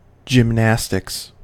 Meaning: A sport involving the performance of sequences of movements requiring physical strength, flexibility, and kinesthetic awareness
- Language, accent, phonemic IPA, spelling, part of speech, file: English, US, /d͡ʒɪmˈnæs.tɪks/, gymnastics, noun, En-us-gymnastics.ogg